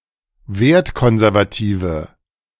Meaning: inflection of wertkonservativ: 1. strong/mixed nominative/accusative feminine singular 2. strong nominative/accusative plural 3. weak nominative all-gender singular
- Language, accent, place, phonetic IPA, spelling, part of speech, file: German, Germany, Berlin, [ˈveːɐ̯tˌkɔnzɛʁvaˌtiːvə], wertkonservative, adjective, De-wertkonservative.ogg